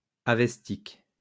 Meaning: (noun) Avestan (Old Iranian language); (adjective) Avestan
- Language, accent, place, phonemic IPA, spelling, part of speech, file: French, France, Lyon, /a.vɛs.tik/, avestique, noun / adjective, LL-Q150 (fra)-avestique.wav